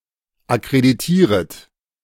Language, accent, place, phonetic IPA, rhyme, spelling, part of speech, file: German, Germany, Berlin, [akʁediˈtiːʁət], -iːʁət, akkreditieret, verb, De-akkreditieret.ogg
- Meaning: second-person plural subjunctive I of akkreditieren